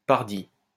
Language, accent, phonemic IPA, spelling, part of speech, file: French, France, /paʁ.di/, pardi, interjection, LL-Q150 (fra)-pardi.wav
- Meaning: (yes,) obviously! (yes,) for God's sake! (yes,) of course!